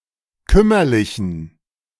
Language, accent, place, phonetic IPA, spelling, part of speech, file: German, Germany, Berlin, [ˈkʏmɐlɪçn̩], kümmerlichen, adjective, De-kümmerlichen.ogg
- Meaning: inflection of kümmerlich: 1. strong genitive masculine/neuter singular 2. weak/mixed genitive/dative all-gender singular 3. strong/weak/mixed accusative masculine singular 4. strong dative plural